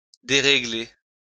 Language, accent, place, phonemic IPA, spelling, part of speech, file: French, France, Lyon, /de.ʁe.ɡle/, dérégler, verb, LL-Q150 (fra)-dérégler.wav
- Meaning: 1. to disrupt, to disturb 2. to unsettle 3. to put off